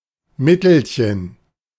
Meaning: diminutive of Mittel
- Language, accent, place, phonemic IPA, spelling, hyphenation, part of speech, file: German, Germany, Berlin, /ˈmɪtəlçn̩/, Mittelchen, Mit‧tel‧chen, noun, De-Mittelchen.ogg